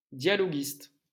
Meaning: dialogue writer; scriptwriter
- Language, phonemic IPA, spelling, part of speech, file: French, /dja.lɔ.ɡist/, dialoguiste, noun, LL-Q150 (fra)-dialoguiste.wav